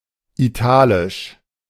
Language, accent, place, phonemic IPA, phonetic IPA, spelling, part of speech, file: German, Germany, Berlin, /iˈtaːlɪʃ/, [ʔiˈtʰaːlɪʃ], italisch, adjective, De-italisch.ogg
- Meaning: 1. Italic (relating to the Italian peninsula) 2. Italic (pertaining to a subfamily of a branch of the Indo-European language family)